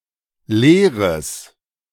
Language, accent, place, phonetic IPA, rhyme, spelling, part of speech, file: German, Germany, Berlin, [ˈleːʁəs], -eːʁəs, leeres, adjective, De-leeres.ogg
- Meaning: strong/mixed nominative/accusative neuter singular of leer